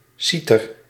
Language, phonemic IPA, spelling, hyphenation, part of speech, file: Dutch, /ˈsi.tər/, citer, ci‧ter, noun, Nl-citer.ogg
- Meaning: zither (musical instrument)